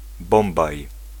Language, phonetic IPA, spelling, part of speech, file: Polish, [ˈbɔ̃mbaj], Bombaj, proper noun, Pl-Bombaj.ogg